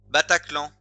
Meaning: 1. embarrassing things 2. noises
- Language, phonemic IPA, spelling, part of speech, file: French, /ba.ta.klɑ̃/, bataclan, noun, Fr-bataclan.ogg